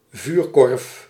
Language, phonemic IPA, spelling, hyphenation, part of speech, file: Dutch, /ˈvyːr.kɔrf/, vuurkorf, vuur‧korf, noun, Nl-vuurkorf.ogg
- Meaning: 1. fire basket, fire box (container made of metal grills for outdoor fires) 2. metal container with a grill on top, intended for indoor coal fires